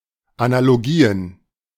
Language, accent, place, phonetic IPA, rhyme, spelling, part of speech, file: German, Germany, Berlin, [analoˈɡiːən], -iːən, Analogien, noun, De-Analogien.ogg
- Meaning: plural of Analogie